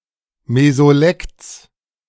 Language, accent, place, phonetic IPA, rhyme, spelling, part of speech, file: German, Germany, Berlin, [mezoˈlɛkt͡s], -ɛkt͡s, Mesolekts, noun, De-Mesolekts.ogg
- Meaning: genitive of Mesolekt